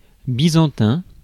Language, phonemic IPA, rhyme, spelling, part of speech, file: French, /bi.zɑ̃.tɛ̃/, -ɛ̃, byzantin, adjective, Fr-byzantin.ogg
- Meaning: 1. Byzantine 2. overcomplicated, futile and lost in the details